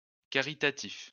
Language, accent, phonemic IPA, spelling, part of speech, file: French, France, /ka.ʁi.ta.tif/, caritatif, adjective, LL-Q150 (fra)-caritatif.wav
- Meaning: charitable, (relational) charity